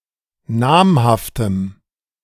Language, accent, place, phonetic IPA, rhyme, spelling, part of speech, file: German, Germany, Berlin, [ˈnaːmhaftəm], -aːmhaftəm, namhaftem, adjective, De-namhaftem.ogg
- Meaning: strong dative masculine/neuter singular of namhaft